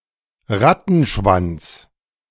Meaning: 1. rat tail 2. slew (large amount; often of negative consequences) 3. rattail (hairstyle characterized by a long lock of tail-like hair)
- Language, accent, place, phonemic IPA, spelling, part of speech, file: German, Germany, Berlin, /ˈʁatn̩ˌʃvant͡s/, Rattenschwanz, noun, De-Rattenschwanz.ogg